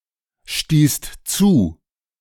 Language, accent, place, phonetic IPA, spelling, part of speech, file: German, Germany, Berlin, [ˌʃtiːst ˈt͡suː], stießt zu, verb, De-stießt zu.ogg
- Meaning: second-person singular/plural preterite of zustoßen